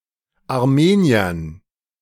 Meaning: dative plural of Armenier
- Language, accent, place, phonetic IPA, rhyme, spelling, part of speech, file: German, Germany, Berlin, [aʁˈmeːni̯ɐn], -eːni̯ɐn, Armeniern, noun, De-Armeniern.ogg